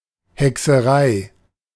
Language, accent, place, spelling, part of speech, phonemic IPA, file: German, Germany, Berlin, Hexerei, noun, /hɛksəˈʁai/, De-Hexerei.ogg
- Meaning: witchcraft; sorcery